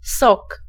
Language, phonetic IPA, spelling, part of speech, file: Polish, [sɔk], sok, noun, Pl-sok.ogg